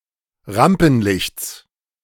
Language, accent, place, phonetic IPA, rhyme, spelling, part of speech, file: German, Germany, Berlin, [ˈʁampn̩ˌlɪçt͡s], -ampn̩lɪçt͡s, Rampenlichts, noun, De-Rampenlichts.ogg
- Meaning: genitive of Rampenlicht